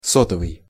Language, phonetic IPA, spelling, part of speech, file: Russian, [ˈsotəvɨj], сотовый, adjective / noun, Ru-сотовый.ogg
- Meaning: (adjective) 1. honeycomb 2. cell; cellular; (noun) cellular telephone, mobile phone, cell phone